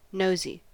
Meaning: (adjective) 1. Prying, inquisitive or curious in other’s affairs; tending to snoop or meddle 2. Having a large or elongated nose; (noun) 1. A look at something to satisfy one's curiosity 2. A nose
- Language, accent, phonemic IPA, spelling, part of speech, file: English, US, /ˈnoʊzi/, nosy, adjective / noun / verb, En-us-nosy.ogg